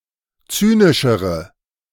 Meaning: inflection of zynisch: 1. strong/mixed nominative/accusative feminine singular comparative degree 2. strong nominative/accusative plural comparative degree
- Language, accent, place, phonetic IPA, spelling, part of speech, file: German, Germany, Berlin, [ˈt͡syːnɪʃəʁə], zynischere, adjective, De-zynischere.ogg